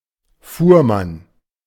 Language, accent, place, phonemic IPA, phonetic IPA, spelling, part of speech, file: German, Germany, Berlin, /ˈfuːʁˌman/, [ˈfuːɐ̯ˌman], Fuhrmann, noun, De-Fuhrmann.ogg
- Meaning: 1. carter, carman, teamster (driver of a team of draught animals), drayman, wagoner (male or of unspecified gender) 2. Auriga